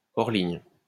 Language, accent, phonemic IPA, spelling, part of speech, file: French, France, /ɔʁ.liɲ/, hors-ligne, adjective, LL-Q150 (fra)-hors-ligne.wav
- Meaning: alternative form of hors ligne (“offline”)